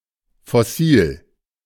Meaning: fossil
- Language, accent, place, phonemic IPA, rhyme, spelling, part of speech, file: German, Germany, Berlin, /fɔˈsiːl/, -iːl, Fossil, noun, De-Fossil.ogg